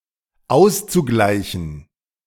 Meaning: zu-infinitive of ausgleichen
- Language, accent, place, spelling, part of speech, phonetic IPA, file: German, Germany, Berlin, auszugleichen, verb, [ˈaʊ̯st͡suˌɡlaɪ̯çn̩], De-auszugleichen.ogg